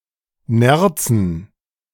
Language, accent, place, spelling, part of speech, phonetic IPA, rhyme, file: German, Germany, Berlin, Nerzen, noun, [ˈnɛʁt͡sn̩], -ɛʁt͡sn̩, De-Nerzen.ogg
- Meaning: dative plural of Nerz